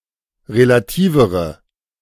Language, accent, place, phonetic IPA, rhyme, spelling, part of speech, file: German, Germany, Berlin, [ʁelaˈtiːvəʁə], -iːvəʁə, relativere, adjective, De-relativere.ogg
- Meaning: inflection of relativ: 1. strong/mixed nominative/accusative feminine singular comparative degree 2. strong nominative/accusative plural comparative degree